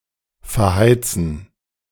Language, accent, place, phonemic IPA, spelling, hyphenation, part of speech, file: German, Germany, Berlin, /fɛɐ̯ˈhaɪ̯t͡sn̩/, verheizen, ver‧hei‧zen, verb, De-verheizen.ogg
- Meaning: 1. to burn (i.e. for heat) 2. to spend or waste a resource (often human resources) for an inefficient or overly time-consuming task